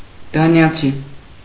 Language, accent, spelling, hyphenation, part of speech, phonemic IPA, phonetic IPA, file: Armenian, Eastern Armenian, դանիացի, դա‧նի‧ա‧ցի, noun, /dɑnjɑˈt͡sʰi/, [dɑnjɑt͡sʰí], Hy-դանիացի.ogg
- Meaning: Dane